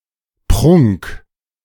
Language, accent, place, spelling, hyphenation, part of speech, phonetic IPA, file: German, Germany, Berlin, Prunk, Prunk, noun, [pʁʊŋk], De-Prunk.ogg
- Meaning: magnificence, luxury, splendor